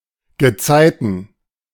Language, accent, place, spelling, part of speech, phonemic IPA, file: German, Germany, Berlin, Gezeiten, noun, /ɡəˈtsaɪ̯tən/, De-Gezeiten.ogg
- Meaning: tides (periodic change of the sea level)